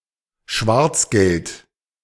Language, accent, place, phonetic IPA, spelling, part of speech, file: German, Germany, Berlin, [ˈʃvaʁt͡sˌɡɛlt], Schwarzgeld, noun, De-Schwarzgeld.ogg
- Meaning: dirty money, black money, illicit earnings